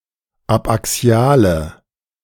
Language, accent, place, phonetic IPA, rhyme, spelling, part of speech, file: German, Germany, Berlin, [apʔaˈksi̯aːlə], -aːlə, abaxiale, adjective, De-abaxiale.ogg
- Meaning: inflection of abaxial: 1. strong/mixed nominative/accusative feminine singular 2. strong nominative/accusative plural 3. weak nominative all-gender singular 4. weak accusative feminine/neuter singular